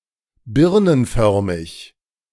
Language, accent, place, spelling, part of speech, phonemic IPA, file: German, Germany, Berlin, birnenförmig, adjective, /ˈbɪʁnənˌfœʁmɪç/, De-birnenförmig.ogg
- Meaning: pear-shaped